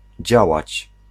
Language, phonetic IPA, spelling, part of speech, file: Polish, [ˈd͡ʑawat͡ɕ], działać, verb, Pl-działać.ogg